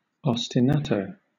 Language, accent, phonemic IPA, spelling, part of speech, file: English, Southern England, /ɒstɪˈnɑtoʊ/, ostinato, noun, LL-Q1860 (eng)-ostinato.wav
- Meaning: A piece of melody, a chord progression, or a bass figure that is repeated over and over as a musical accompaniment